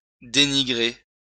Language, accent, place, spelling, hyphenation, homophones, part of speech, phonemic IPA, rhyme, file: French, France, Lyon, dénigrer, dé‧ni‧grer, dénigrai / dénigré / dénigrée / dénigrées / dénigrés / dénigrez, verb, /de.ni.ɡʁe/, -e, LL-Q150 (fra)-dénigrer.wav
- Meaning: to denigrate (to criticize so as to besmirch)